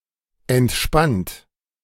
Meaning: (adjective) relaxed; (verb) 1. past participle of entspannen 2. inflection of entspannen: third-person singular present 3. inflection of entspannen: second-person plural present
- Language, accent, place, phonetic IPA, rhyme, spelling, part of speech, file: German, Germany, Berlin, [ɛntˈʃpant], -ant, entspannt, verb, De-entspannt.ogg